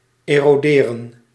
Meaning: 1. to erode 2. to grind off by means of a tool
- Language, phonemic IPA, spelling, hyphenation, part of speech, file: Dutch, /ˌeːroːˈdeːrə(n)/, eroderen, ero‧de‧ren, verb, Nl-eroderen.ogg